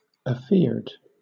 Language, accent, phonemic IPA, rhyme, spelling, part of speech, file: English, Southern England, /əˈfɪə(ɹ)d/, -ɪə(ɹ)d, afeared, verb / adjective, LL-Q1860 (eng)-afeared.wav
- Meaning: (verb) simple past and past participle of afear; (adjective) Afraid